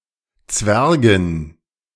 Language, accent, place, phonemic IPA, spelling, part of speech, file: German, Germany, Berlin, /ˈt͡svɛʁɡɪn/, Zwergin, noun, De-Zwergin.ogg
- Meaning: dwarfess, female midget